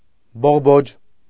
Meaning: bud
- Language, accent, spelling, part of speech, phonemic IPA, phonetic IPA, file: Armenian, Eastern Armenian, բողբոջ, noun, /boʁˈbod͡ʒ/, [boʁbód͡ʒ], Hy-բողբոջ.ogg